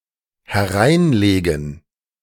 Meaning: 1. to lay down inside; to put 2. to trick; to pull someone's leg
- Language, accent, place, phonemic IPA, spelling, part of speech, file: German, Germany, Berlin, /hɛˈʁaɪ̯nˌleːɡən/, hereinlegen, verb, De-hereinlegen.ogg